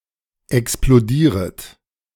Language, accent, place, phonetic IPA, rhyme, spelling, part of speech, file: German, Germany, Berlin, [ɛksploˈdiːʁət], -iːʁət, explodieret, verb, De-explodieret.ogg
- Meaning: second-person plural subjunctive I of explodieren